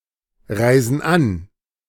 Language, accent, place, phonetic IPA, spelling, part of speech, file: German, Germany, Berlin, [ˌʁaɪ̯zn̩ ˈan], reisen an, verb, De-reisen an.ogg
- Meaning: inflection of anreisen: 1. first/third-person plural present 2. first/third-person plural subjunctive I